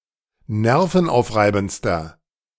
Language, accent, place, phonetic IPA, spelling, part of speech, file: German, Germany, Berlin, [ˈnɛʁfn̩ˌʔaʊ̯fʁaɪ̯bn̩t͡stɐ], nervenaufreibendster, adjective, De-nervenaufreibendster.ogg
- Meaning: inflection of nervenaufreibend: 1. strong/mixed nominative masculine singular superlative degree 2. strong genitive/dative feminine singular superlative degree